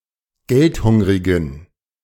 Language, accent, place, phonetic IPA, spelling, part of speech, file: German, Germany, Berlin, [ˈɡɛltˌhʊŋʁɪɡn̩], geldhungrigen, adjective, De-geldhungrigen.ogg
- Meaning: inflection of geldhungrig: 1. strong genitive masculine/neuter singular 2. weak/mixed genitive/dative all-gender singular 3. strong/weak/mixed accusative masculine singular 4. strong dative plural